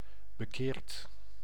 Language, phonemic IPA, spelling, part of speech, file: Dutch, /bəˈkert/, bekeerd, verb, Nl-bekeerd.ogg
- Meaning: past participle of bekeren